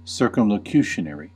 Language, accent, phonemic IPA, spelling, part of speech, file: English, US, /ˌsɝːkəmləˈkjuːʃəˌnɛɹi/, circumlocutionary, adjective, En-us-circumlocutionary.ogg
- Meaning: 1. Articulated in a roundabout manner; tautological or with repetitive language 2. Evasive, avoiding difficult questions or key points